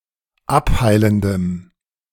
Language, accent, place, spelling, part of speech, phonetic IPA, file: German, Germany, Berlin, abheilendem, adjective, [ˈapˌhaɪ̯ləndəm], De-abheilendem.ogg
- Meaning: strong dative masculine/neuter singular of abheilend